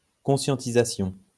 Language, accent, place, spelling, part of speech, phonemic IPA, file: French, France, Lyon, conscientisation, noun, /kɔ̃.sjɑ̃.ti.za.sjɔ̃/, LL-Q150 (fra)-conscientisation.wav
- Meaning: awareness